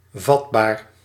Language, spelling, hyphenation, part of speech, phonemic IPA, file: Dutch, vatbaar, vat‧baar, adjective, /ˈvɑt.baːr/, Nl-vatbaar.ogg
- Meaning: susceptible, receptive, liable: 1. prone to certain behaviours 2. easily damaged or afflicted by disease 3. well-disposed to certain things, notion or actions